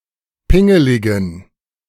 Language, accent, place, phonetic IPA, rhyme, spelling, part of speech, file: German, Germany, Berlin, [ˈpɪŋəlɪɡn̩], -ɪŋəlɪɡn̩, pingeligen, adjective, De-pingeligen.ogg
- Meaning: inflection of pingelig: 1. strong genitive masculine/neuter singular 2. weak/mixed genitive/dative all-gender singular 3. strong/weak/mixed accusative masculine singular 4. strong dative plural